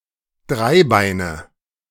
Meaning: nominative/accusative/genitive plural of Dreibein
- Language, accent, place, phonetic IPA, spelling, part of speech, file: German, Germany, Berlin, [ˈdʁaɪ̯ˌbaɪ̯nə], Dreibeine, noun, De-Dreibeine.ogg